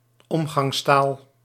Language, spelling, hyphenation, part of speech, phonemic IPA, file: Dutch, omgangstaal, om‧gangs‧taal, noun, /ˈɔm.ɣɑŋsˌtaːl/, Nl-omgangstaal.ogg
- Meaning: everyday speech, vernacular